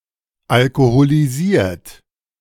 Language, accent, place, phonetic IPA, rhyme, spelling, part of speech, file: German, Germany, Berlin, [alkoholiˈziːɐ̯t], -iːɐ̯t, alkoholisiert, adjective / verb, De-alkoholisiert.ogg
- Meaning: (verb) past participle of alkoholisieren; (adjective) inebriated, intoxicated, alcoholized